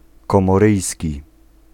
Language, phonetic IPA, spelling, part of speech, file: Polish, [ˌkɔ̃mɔˈrɨjsʲci], komoryjski, adjective / noun, Pl-komoryjski.ogg